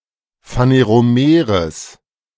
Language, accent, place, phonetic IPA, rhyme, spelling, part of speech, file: German, Germany, Berlin, [faneʁoˈmeːʁəs], -eːʁəs, phaneromeres, adjective, De-phaneromeres.ogg
- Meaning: strong/mixed nominative/accusative neuter singular of phaneromer